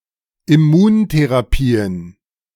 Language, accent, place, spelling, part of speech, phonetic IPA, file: German, Germany, Berlin, Immuntherapien, noun, [ɪˈmuːnteʁaˌpiːən], De-Immuntherapien.ogg
- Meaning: plural of Immuntherapie